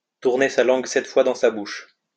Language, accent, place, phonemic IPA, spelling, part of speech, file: French, France, Lyon, /tuʁ.ne sa lɑ̃ɡ sɛt fwa dɑ̃ sa buʃ/, tourner sa langue sept fois dans sa bouche, verb, LL-Q150 (fra)-tourner sa langue sept fois dans sa bouche.wav
- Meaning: to think carefully (before one speaks); to refrain from speaking the first thing that comes to mind, to carve every word (before letting it fall)